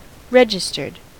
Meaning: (adjective) Having had one's (or its) name or identity added to an official list or entered into a register
- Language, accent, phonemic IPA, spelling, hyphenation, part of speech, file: English, US, /ˈɹɛd͡ʒ.ɪs.tɚd/, registered, re‧gis‧tered, adjective / verb, En-us-registered.ogg